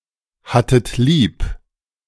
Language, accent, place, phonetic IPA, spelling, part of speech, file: German, Germany, Berlin, [ˌhatət ˈliːp], hattet lieb, verb, De-hattet lieb.ogg
- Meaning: second-person plural preterite of lieb haben